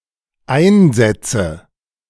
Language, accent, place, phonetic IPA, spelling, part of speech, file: German, Germany, Berlin, [ˈaɪ̯nˌzɛt͡sə], Einsätze, noun, De-Einsätze.ogg
- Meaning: nominative/accusative/genitive plural of Einsatz